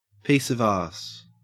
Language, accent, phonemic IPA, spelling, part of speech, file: English, Australia, /ˈpiːs əv ˈæs/, piece of ass, noun, En-au-piece of ass.ogg
- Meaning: 1. An act of sexual intercourse, especially a one-night stand 2. The person with whom such an act is performed 3. A very attractive woman, when considered as a sex object 4. A male prostitute